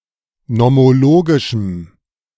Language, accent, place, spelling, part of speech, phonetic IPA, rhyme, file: German, Germany, Berlin, nomologischem, adjective, [nɔmoˈloːɡɪʃm̩], -oːɡɪʃm̩, De-nomologischem.ogg
- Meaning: strong dative masculine/neuter singular of nomologisch